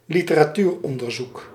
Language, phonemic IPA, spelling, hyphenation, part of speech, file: Dutch, /li.tə.raːˈtyːrˌɔn.dər.zuk/, literatuuronderzoek, li‧te‧ra‧tuur‧on‧der‧zoek, noun, Nl-literatuuronderzoek.ogg
- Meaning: 1. literature review 2. literature research, literature search